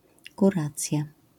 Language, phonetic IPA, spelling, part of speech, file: Polish, [kuˈrat͡sʲja], kuracja, noun, LL-Q809 (pol)-kuracja.wav